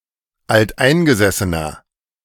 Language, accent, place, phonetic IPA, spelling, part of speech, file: German, Germany, Berlin, [altˈʔaɪ̯nɡəzɛsənɐ], alteingesessener, adjective, De-alteingesessener.ogg
- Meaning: inflection of alteingesessen: 1. strong/mixed nominative masculine singular 2. strong genitive/dative feminine singular 3. strong genitive plural